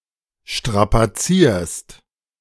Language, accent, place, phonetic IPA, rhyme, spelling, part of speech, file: German, Germany, Berlin, [ˌʃtʁapaˈt͡siːɐ̯st], -iːɐ̯st, strapazierst, verb, De-strapazierst.ogg
- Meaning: second-person singular present of strapazieren